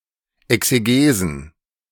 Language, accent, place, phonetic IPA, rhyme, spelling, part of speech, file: German, Germany, Berlin, [ɛkseˈɡeːzn̩], -eːzn̩, Exegesen, noun, De-Exegesen.ogg
- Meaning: plural of Exegese